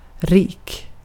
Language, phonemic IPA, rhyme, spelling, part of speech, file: Swedish, /riːk/, -iːk, rik, adjective, Sv-rik.ogg
- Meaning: 1. rich, wealthy 2. rich (more generally) 3. rich (more generally): abundant, etc. (when sounding better as a translation)